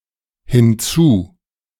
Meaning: in addition, besides
- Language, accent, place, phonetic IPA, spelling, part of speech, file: German, Germany, Berlin, [hɪnˈt͡suː], hinzu-, prefix, De-hinzu-.ogg